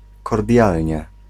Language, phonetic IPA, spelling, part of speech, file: Polish, [kɔrˈdʲjalʲɲɛ], kordialnie, adverb, Pl-kordialnie.ogg